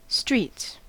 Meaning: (noun) plural of street; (verb) third-person singular simple present indicative of street
- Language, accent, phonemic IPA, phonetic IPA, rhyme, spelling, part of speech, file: English, US, /stɹiːts/, [ʃt͡ʃɹit͡s], -iːts, streets, noun / verb, En-us-streets.ogg